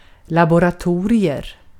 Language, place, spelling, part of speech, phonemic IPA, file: Swedish, Gotland, laboratorium, noun, /lab(ʊ)raˈtuːrɪɵm/, Sv-laboratorium.ogg
- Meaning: a laboratory